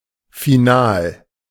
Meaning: 1. final, expressing purpose 2. final, conclusive, irrevocable (that which will not or cannot be changed anymore, sometimes implying death) 3. final, last
- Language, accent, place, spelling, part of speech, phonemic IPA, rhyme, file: German, Germany, Berlin, final, adjective, /fiˈnaːl/, -aːl, De-final.ogg